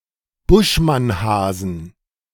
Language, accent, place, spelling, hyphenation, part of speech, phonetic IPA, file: German, Germany, Berlin, Buschmannhasen, Busch‧mann‧ha‧sen, noun, [ˈbʊʃ.manˌhaːzn̩], De-Buschmannhasen.ogg
- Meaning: inflection of Buschmannhase: 1. genitive/dative/accusative singular 2. nominative/genitive/dative/accusative plural